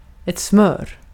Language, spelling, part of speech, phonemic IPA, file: Swedish, smör, noun, /smøːr/, Sv-smör.ogg
- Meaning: 1. butter (soft foodstuff made from milk) 2. butter (fat spread on a sandwich, whether strictly butter or for example margarine) 3. flattering, sucking up